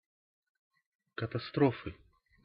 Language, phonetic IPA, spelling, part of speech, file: Russian, [kətɐˈstrofɨ], катастрофы, noun, Ru-катастрофы.ogg
- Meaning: inflection of катастро́фа (katastrófa): 1. genitive singular 2. nominative/accusative plural